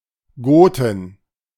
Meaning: plural of Gote
- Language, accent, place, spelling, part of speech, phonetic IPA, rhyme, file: German, Germany, Berlin, Goten, noun, [ˈɡoːtn̩], -oːtn̩, De-Goten.ogg